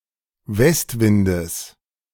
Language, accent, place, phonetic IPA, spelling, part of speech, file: German, Germany, Berlin, [ˈvɛstˌvɪndəs], Westwindes, noun, De-Westwindes.ogg
- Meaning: genitive singular of Westwind